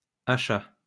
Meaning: plural of achat
- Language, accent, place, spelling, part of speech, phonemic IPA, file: French, France, Lyon, achats, noun, /a.ʃa/, LL-Q150 (fra)-achats.wav